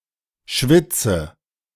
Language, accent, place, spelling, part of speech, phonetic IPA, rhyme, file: German, Germany, Berlin, schwitze, verb, [ˈʃvɪt͡sə], -ɪt͡sə, De-schwitze.ogg
- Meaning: inflection of schwitzen: 1. first-person singular present 2. first/third-person singular subjunctive I 3. singular imperative